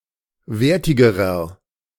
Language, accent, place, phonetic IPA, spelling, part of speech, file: German, Germany, Berlin, [ˈveːɐ̯tɪɡəʁɐ], wertigerer, adjective, De-wertigerer.ogg
- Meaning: inflection of wertig: 1. strong/mixed nominative masculine singular comparative degree 2. strong genitive/dative feminine singular comparative degree 3. strong genitive plural comparative degree